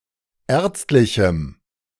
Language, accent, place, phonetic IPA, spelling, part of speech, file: German, Germany, Berlin, [ˈɛːɐ̯t͡stlɪçm̩], ärztlichem, adjective, De-ärztlichem.ogg
- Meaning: strong dative masculine/neuter singular of ärztlich